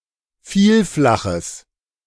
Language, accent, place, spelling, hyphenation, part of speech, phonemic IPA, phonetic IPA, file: German, Germany, Berlin, Vielflaches, Viel‧fla‧ches, noun, /ˈfiːlˌflaxəs/, [ˈfiːlˌflaχəs], De-Vielflaches.ogg
- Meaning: genitive singular of Vielflach